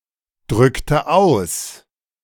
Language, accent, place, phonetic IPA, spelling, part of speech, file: German, Germany, Berlin, [ˌdʁʏktə ˈaʊ̯s], drückte aus, verb, De-drückte aus.ogg
- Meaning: inflection of ausdrücken: 1. first/third-person singular preterite 2. first/third-person singular subjunctive II